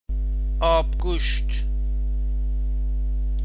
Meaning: abgusht
- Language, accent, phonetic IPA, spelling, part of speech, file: Persian, Iran, [ʔɒːb.ɡúːʃt̪ʰ], آب‌گوشت, noun, Fa-آبگوشت.ogg